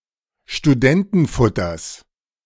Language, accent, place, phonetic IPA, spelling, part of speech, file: German, Germany, Berlin, [ʃtuˈdɛntənˌfʊtɐs], Studentenfutters, noun, De-Studentenfutters.ogg
- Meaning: genitive of Studentenfutter